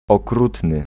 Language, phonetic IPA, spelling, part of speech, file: Polish, [ɔˈkrutnɨ], okrutny, adjective, Pl-okrutny.ogg